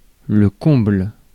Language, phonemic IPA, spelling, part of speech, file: French, /kɔ̃bl/, comble, noun / adjective, Fr-comble.ogg
- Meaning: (noun) 1. summit, peak (of a building) 2. pinnacle 3. overabundance; overload 4. comble; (adjective) packed, heaving, crowded